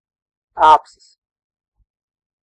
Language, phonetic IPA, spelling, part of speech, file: Latvian, [ˈâːpsis], āpsis, noun, Lv-āpsis.ogg
- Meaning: badger (name of several species of mustelids, especially Meles meles)